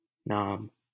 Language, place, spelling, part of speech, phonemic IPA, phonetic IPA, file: Hindi, Delhi, नाम, noun, /nɑːm/, [nä̃ːm], LL-Q1568 (hin)-नाम.wav
- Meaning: 1. name 2. name, fame, reputation 3. the divine name